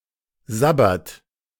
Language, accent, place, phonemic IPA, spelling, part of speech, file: German, Germany, Berlin, /ˈzabɐt/, sabbert, verb, De-sabbert.ogg
- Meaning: inflection of sabbern: 1. third-person singular present 2. second-person plural present 3. plural imperative